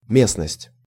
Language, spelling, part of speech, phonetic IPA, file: Russian, местность, noun, [ˈmʲesnəsʲtʲ], Ru-местность.ogg
- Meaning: 1. area, district, place, locality, region 2. terrain, ground